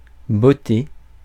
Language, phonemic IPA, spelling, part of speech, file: French, /bɔ.te/, botter, verb, Fr-botter.ogg
- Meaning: 1. to kick 2. to please, to like